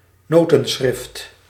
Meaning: musical notation
- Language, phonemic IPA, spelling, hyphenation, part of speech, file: Dutch, /ˈnoː.tə(n)ˌsxrɪft/, notenschrift, no‧ten‧schrift, noun, Nl-notenschrift.ogg